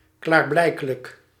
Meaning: obvious, evident
- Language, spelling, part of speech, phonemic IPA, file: Dutch, klaarblijkelijk, adjective, /ˌklaːrˈblɛi̯kələk/, Nl-klaarblijkelijk.ogg